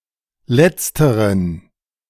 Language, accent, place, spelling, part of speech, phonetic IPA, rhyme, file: German, Germany, Berlin, letzteren, adjective, [ˈlɛt͡stəʁən], -ɛt͡stəʁən, De-letzteren.ogg
- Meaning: inflection of letztere: 1. strong genitive masculine/neuter singular 2. weak/mixed genitive/dative all-gender singular 3. strong/weak/mixed accusative masculine singular 4. strong dative plural